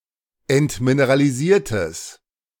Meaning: strong/mixed nominative/accusative neuter singular of entmineralisiert
- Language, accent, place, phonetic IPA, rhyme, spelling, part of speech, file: German, Germany, Berlin, [ɛntmineʁaliˈziːɐ̯təs], -iːɐ̯təs, entmineralisiertes, adjective, De-entmineralisiertes.ogg